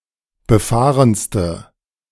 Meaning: inflection of befahren: 1. strong/mixed nominative/accusative feminine singular superlative degree 2. strong nominative/accusative plural superlative degree
- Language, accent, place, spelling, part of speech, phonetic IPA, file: German, Germany, Berlin, befahrenste, adjective, [bəˈfaːʁənstə], De-befahrenste.ogg